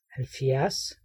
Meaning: seventy
- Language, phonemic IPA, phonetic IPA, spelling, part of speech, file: Danish, /halvˈfjɛrs/, [halˈfjaɐ̯s], halvfjerds, numeral, Da-halvfjerds.ogg